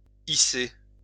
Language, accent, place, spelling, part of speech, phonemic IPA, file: French, France, Lyon, hisser, verb, /i.se/, LL-Q150 (fra)-hisser.wav
- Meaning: 1. to hoist, to raise 2. to rise through the ranks